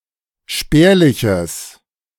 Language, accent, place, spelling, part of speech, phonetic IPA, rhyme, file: German, Germany, Berlin, spärliches, adjective, [ˈʃpɛːɐ̯lɪçəs], -ɛːɐ̯lɪçəs, De-spärliches.ogg
- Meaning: strong/mixed nominative/accusative neuter singular of spärlich